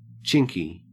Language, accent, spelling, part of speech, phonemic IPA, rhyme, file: English, Australia, chinky, adjective / noun, /ˈt͡ʃɪŋki/, -ɪŋki, En-au-chinky.ogg
- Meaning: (adjective) 1. Full of chinks, laden with small cracks or openings 2. Resembling a chink sound 3. Possessing attributes of, or similar to, a Chinese person or Chinese style or culture